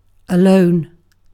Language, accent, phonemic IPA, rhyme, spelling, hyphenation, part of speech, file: English, UK, /əˈləʊn/, -əʊn, alone, a‧lone, adjective / adverb, En-uk-alone.ogg
- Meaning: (adjective) 1. By oneself, solitary 2. By oneself, solitary.: Not involved in a romantic relationship 3. Lacking peers who share one's beliefs, experiences, practices, etc